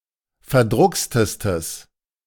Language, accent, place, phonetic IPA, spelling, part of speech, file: German, Germany, Berlin, [fɛɐ̯ˈdʁʊkstəstəs], verdruckstestes, adjective, De-verdruckstestes.ogg
- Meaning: strong/mixed nominative/accusative neuter singular superlative degree of verdruckst